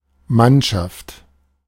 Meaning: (noun) 1. crew members of a ship 2. team (group of people) 3. group of soldiers belonging to one military unit; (proper noun) the national football team of Germany
- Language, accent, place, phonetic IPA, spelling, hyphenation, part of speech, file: German, Germany, Berlin, [ˈmanʃaft], Mannschaft, Mann‧schaft, noun / proper noun, De-Mannschaft.ogg